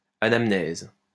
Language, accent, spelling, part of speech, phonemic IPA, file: French, France, anamnèse, noun, /a.nam.nɛz/, LL-Q150 (fra)-anamnèse.wav
- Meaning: anamnesis (medical history of a patient or the written recital thereof)